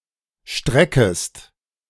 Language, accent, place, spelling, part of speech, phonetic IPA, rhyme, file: German, Germany, Berlin, streckest, verb, [ˈʃtʁɛkəst], -ɛkəst, De-streckest.ogg
- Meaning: second-person singular subjunctive I of strecken